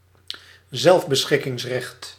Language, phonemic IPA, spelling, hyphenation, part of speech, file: Dutch, /ˈzɛlf.bə.sxɪ.kɪŋsˌrɛxt/, zelfbeschikkingsrecht, zelf‧be‧schik‧kings‧recht, noun, Nl-zelfbeschikkingsrecht.ogg
- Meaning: right to self-determination, e.g. with respect to nationality, labour, sexuality, assisted suicide